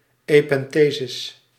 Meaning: alternative form of epenthese (chiefly used in older and translated texts)
- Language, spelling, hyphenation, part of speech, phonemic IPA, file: Dutch, epenthesis, epen‧the‧sis, noun, /eːpɛnˈteːzɪs/, Nl-epenthesis.ogg